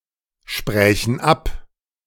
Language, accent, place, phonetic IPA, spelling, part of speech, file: German, Germany, Berlin, [ˌʃpʁɛːçn̩ ˈap], sprächen ab, verb, De-sprächen ab.ogg
- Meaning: first/third-person plural subjunctive II of absprechen